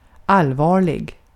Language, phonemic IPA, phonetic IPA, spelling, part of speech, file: Swedish, /ˈalˌvɑːrlɪ(ɡ)/, [ˈalˌvɑːɭɪ(ɡ)], allvarlig, adjective, Sv-allvarlig.ogg
- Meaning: 1. serious (not joking, solemn) 2. serious, severe, grave ((potentially causing something) very bad)